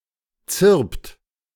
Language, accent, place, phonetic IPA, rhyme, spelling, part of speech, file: German, Germany, Berlin, [t͡sɪʁpt], -ɪʁpt, zirpt, verb, De-zirpt.ogg
- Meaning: inflection of zirpen: 1. second-person plural present 2. third-person singular present 3. plural imperative